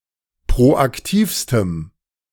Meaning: strong dative masculine/neuter singular superlative degree of proaktiv
- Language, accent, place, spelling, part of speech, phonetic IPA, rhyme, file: German, Germany, Berlin, proaktivstem, adjective, [pʁoʔakˈtiːfstəm], -iːfstəm, De-proaktivstem.ogg